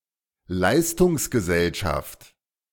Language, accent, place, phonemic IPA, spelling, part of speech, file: German, Germany, Berlin, /ˈlaɪ̯stʊŋsɡəˌzɛlʃaft/, Leistungsgesellschaft, noun, De-Leistungsgesellschaft.ogg
- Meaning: meritocracy (type of society where wealth, income, and social status are assigned through competition)